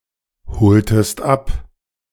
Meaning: inflection of abholen: 1. second-person singular preterite 2. second-person singular subjunctive II
- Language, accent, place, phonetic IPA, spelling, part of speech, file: German, Germany, Berlin, [ˌhoːltəst ˈap], holtest ab, verb, De-holtest ab.ogg